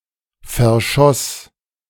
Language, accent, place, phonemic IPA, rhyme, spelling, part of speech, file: German, Germany, Berlin, /fɛɐ̯ˈʃɔs/, -ɔs, verschoss, verb, De-verschoss.ogg
- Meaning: first/third-person singular preterite of verschießen